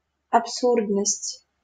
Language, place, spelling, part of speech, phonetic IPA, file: Russian, Saint Petersburg, абсурдность, noun, [ɐpˈsurdnəsʲtʲ], LL-Q7737 (rus)-абсурдность.wav
- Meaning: absurdity